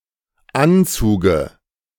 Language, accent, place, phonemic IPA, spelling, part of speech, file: German, Germany, Berlin, /ˈʔantsuːɡə/, Anzuge, noun, De-Anzuge.ogg
- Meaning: dative singular of Anzug